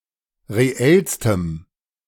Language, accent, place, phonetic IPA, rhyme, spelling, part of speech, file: German, Germany, Berlin, [ʁeˈɛlstəm], -ɛlstəm, reellstem, adjective, De-reellstem.ogg
- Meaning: strong dative masculine/neuter singular superlative degree of reell